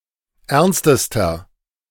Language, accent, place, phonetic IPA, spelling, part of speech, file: German, Germany, Berlin, [ˈɛʁnstəstɐ], ernstester, adjective, De-ernstester.ogg
- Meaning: inflection of ernst: 1. strong/mixed nominative masculine singular superlative degree 2. strong genitive/dative feminine singular superlative degree 3. strong genitive plural superlative degree